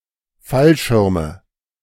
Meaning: nominative/accusative/genitive plural of Fallschirm
- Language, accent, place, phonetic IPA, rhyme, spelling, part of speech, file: German, Germany, Berlin, [ˈfalˌʃɪʁmə], -alʃɪʁmə, Fallschirme, noun, De-Fallschirme.ogg